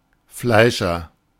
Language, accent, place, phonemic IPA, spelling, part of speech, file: German, Germany, Berlin, /ˈflaɪ̯ʃɐ/, Fleischer, noun / proper noun, De-Fleischer.ogg
- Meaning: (noun) butcher (male or of unspecified gender); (proper noun) a surname originating as an occupation